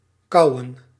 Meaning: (verb) 1. to chew 2. to chew up, to form by chewing; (noun) plural of kauw
- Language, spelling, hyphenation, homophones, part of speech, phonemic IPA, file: Dutch, kauwen, kau‧wen, kouwen, verb / noun, /ˈkɑu̯.ə(n)/, Nl-kauwen.ogg